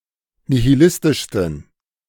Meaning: 1. superlative degree of nihilistisch 2. inflection of nihilistisch: strong genitive masculine/neuter singular superlative degree
- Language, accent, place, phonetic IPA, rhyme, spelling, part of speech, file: German, Germany, Berlin, [nihiˈlɪstɪʃstn̩], -ɪstɪʃstn̩, nihilistischsten, adjective, De-nihilistischsten.ogg